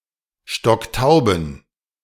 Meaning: inflection of stocktaub: 1. strong genitive masculine/neuter singular 2. weak/mixed genitive/dative all-gender singular 3. strong/weak/mixed accusative masculine singular 4. strong dative plural
- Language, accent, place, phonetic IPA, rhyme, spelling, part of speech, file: German, Germany, Berlin, [ˈʃtɔkˈtaʊ̯bn̩], -aʊ̯bn̩, stocktauben, adjective, De-stocktauben.ogg